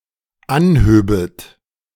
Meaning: second-person plural dependent subjunctive II of anheben
- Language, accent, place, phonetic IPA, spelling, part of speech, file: German, Germany, Berlin, [ˈanˌhøːbət], anhöbet, verb, De-anhöbet.ogg